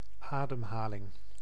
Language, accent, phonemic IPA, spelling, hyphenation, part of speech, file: Dutch, Netherlands, /ˈaː.dəmˌɦaː.lɪŋ/, ademhaling, adem‧ha‧ling, noun, Nl-ademhaling.ogg
- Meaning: breathing, respiration